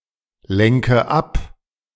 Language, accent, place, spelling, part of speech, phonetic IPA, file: German, Germany, Berlin, lenke ab, verb, [ˌlɛŋkə ˈap], De-lenke ab.ogg
- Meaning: inflection of ablenken: 1. first-person singular present 2. first/third-person singular subjunctive I 3. singular imperative